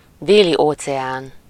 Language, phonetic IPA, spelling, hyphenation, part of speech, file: Hungarian, [ˈdeːlioːt͡sɛaːn], Déli-óceán, Dé‧li-‧óce‧án, proper noun, Hu-Déli-óceán.ogg
- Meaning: Southern Ocean